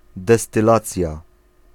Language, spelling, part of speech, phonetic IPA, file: Polish, destylacja, noun, [ˌdɛstɨˈlat͡sʲja], Pl-destylacja.ogg